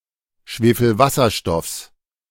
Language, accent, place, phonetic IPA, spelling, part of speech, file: German, Germany, Berlin, [ˌʃveːfl̩ˈvasɐʃtɔfs], Schwefelwasserstoffs, noun, De-Schwefelwasserstoffs.ogg
- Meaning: genitive singular of Schwefelwasserstoff